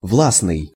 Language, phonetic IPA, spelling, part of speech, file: Russian, [ˈvɫasnɨj], властный, adjective, Ru-властный.ogg
- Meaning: imperious, commanding, authoritative, masterful